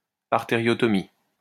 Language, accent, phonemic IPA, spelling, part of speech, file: French, France, /aʁ.te.ʁjɔ.tɔ.mi/, artériotomie, noun, LL-Q150 (fra)-artériotomie.wav
- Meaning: arteriotomy